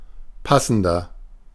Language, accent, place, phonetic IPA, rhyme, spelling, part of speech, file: German, Germany, Berlin, [ˈpasn̩dɐ], -asn̩dɐ, passender, adjective, De-passender.ogg
- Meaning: 1. comparative degree of passend 2. inflection of passend: strong/mixed nominative masculine singular 3. inflection of passend: strong genitive/dative feminine singular